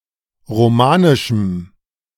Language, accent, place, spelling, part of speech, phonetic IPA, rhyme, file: German, Germany, Berlin, romanischem, adjective, [ʁoˈmaːnɪʃm̩], -aːnɪʃm̩, De-romanischem.ogg
- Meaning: strong dative masculine/neuter singular of romanisch